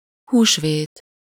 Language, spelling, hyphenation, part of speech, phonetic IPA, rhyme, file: Hungarian, húsvét, hús‧vét, noun, [ˈhuːʃveːt], -eːt, Hu-húsvét.ogg
- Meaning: Easter